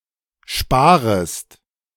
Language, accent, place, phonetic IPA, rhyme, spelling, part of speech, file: German, Germany, Berlin, [ˈʃpaːʁəst], -aːʁəst, sparest, verb, De-sparest.ogg
- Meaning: second-person singular subjunctive I of sparen